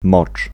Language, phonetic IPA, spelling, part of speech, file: Polish, [mɔt͡ʃ], mocz, noun / verb, Pl-mocz.ogg